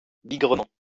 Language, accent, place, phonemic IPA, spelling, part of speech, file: French, France, Lyon, /bi.ɡʁə.mɑ̃/, bigrement, adverb, LL-Q150 (fra)-bigrement.wav
- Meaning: very, darn